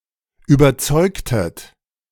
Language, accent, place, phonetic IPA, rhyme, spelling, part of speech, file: German, Germany, Berlin, [yːbɐˈt͡sɔɪ̯ktət], -ɔɪ̯ktət, überzeugtet, verb, De-überzeugtet.ogg
- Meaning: inflection of überzeugen: 1. second-person plural preterite 2. second-person plural subjunctive II